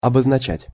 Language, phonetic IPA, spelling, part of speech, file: Russian, [ɐbəznɐˈt͡ɕætʲ], обозначать, verb, Ru-обозначать.ogg
- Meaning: 1. to denote, to designate, to indicate 2. to mark, to label